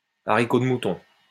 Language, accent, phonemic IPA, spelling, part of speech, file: French, France, /a.ʁi.ko d(ə) mu.tɔ̃/, haricot de mouton, noun, LL-Q150 (fra)-haricot de mouton.wav
- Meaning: a traditional French dish composed of diced lamb ragout